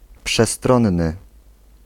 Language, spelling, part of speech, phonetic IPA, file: Polish, przestronny, adjective, [pʃɛˈstrɔ̃nːɨ], Pl-przestronny.ogg